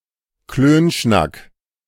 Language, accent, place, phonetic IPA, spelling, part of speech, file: German, Germany, Berlin, [ˈkløːnʃnak], Klönschnack, noun, De-Klönschnack.ogg
- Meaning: smalltalk, chat